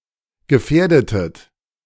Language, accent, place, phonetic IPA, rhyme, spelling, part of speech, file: German, Germany, Berlin, [ɡəˈfɛːɐ̯dətət], -ɛːɐ̯dətət, gefährdetet, verb, De-gefährdetet.ogg
- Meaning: inflection of gefährden: 1. second-person plural preterite 2. second-person plural subjunctive II